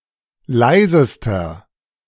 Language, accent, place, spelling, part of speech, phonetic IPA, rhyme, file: German, Germany, Berlin, leisester, adjective, [ˈlaɪ̯zəstɐ], -aɪ̯zəstɐ, De-leisester.ogg
- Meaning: inflection of leise: 1. strong/mixed nominative masculine singular superlative degree 2. strong genitive/dative feminine singular superlative degree 3. strong genitive plural superlative degree